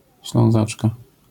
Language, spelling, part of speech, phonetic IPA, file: Polish, Ślązaczka, noun, [ɕlɔ̃w̃ˈzat͡ʃka], LL-Q809 (pol)-Ślązaczka.wav